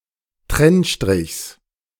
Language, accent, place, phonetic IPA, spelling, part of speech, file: German, Germany, Berlin, [ˈtʁɛnˌʃtʁɪçs], Trennstrichs, noun, De-Trennstrichs.ogg
- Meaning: genitive singular of Trennstrich